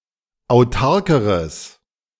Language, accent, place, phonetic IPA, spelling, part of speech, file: German, Germany, Berlin, [aʊ̯ˈtaʁkəʁəs], autarkeres, adjective, De-autarkeres.ogg
- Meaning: strong/mixed nominative/accusative neuter singular comparative degree of autark